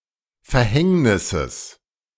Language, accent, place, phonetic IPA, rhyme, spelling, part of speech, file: German, Germany, Berlin, [fɛɐ̯ˈhɛŋnɪsəs], -ɛŋnɪsəs, Verhängnisses, noun, De-Verhängnisses.ogg
- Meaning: genitive singular of Verhängnis